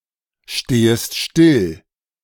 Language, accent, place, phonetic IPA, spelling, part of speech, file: German, Germany, Berlin, [ˌʃteːəst ˈʃtɪl], stehest still, verb, De-stehest still.ogg
- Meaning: second-person singular subjunctive I of stillstehen